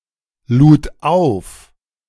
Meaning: first/third-person singular preterite of aufladen
- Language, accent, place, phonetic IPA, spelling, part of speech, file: German, Germany, Berlin, [ˌluːt ˈaʊ̯f], lud auf, verb, De-lud auf.ogg